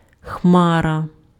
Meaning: cloud
- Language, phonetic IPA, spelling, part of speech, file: Ukrainian, [ˈxmarɐ], хмара, noun, Uk-хмара.ogg